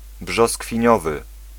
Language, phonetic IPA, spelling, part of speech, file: Polish, [ˌbʒɔskfʲĩˈɲɔvɨ], brzoskwiniowy, adjective, Pl-brzoskwiniowy.ogg